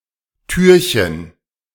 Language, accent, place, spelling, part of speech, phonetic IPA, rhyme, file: German, Germany, Berlin, Türchen, noun, [ˈtyːɐ̯çən], -yːɐ̯çən, De-Türchen.ogg
- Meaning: diminutive of Tür